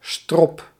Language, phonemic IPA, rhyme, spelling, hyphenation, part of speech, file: Dutch, /strɔp/, -ɔp, strop, strop, noun, Nl-strop.ogg
- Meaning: 1. a noose 2. hanging (execution) 3. bad luck, loss 4. a loop 5. a rascal, brat